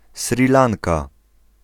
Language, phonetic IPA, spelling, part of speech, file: Polish, [ˈsrʲi ˈlãnka], Sri Lanka, proper noun, Pl-Sri Lanka.ogg